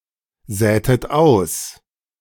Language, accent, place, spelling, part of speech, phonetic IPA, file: German, Germany, Berlin, sätet aus, verb, [ˌzɛːtət ˈaʊ̯s], De-sätet aus.ogg
- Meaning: inflection of aussäen: 1. second-person plural preterite 2. second-person plural subjunctive II